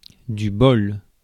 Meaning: 1. bowl 2. luck 3. bolus
- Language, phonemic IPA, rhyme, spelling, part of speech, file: French, /bɔl/, -ɔl, bol, noun, Fr-bol.ogg